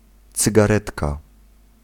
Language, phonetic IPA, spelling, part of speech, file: Polish, [ˌt͡sɨɡaˈrɛtka], cygaretka, noun, Pl-cygaretka.ogg